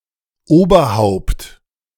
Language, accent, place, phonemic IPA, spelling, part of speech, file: German, Germany, Berlin, /ˈʔoːbɐˌhaʊ̯pt/, Oberhaupt, noun, De-Oberhaupt.ogg
- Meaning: 1. chief, chieftain, captain, leader, ruler 2. the upper part of the head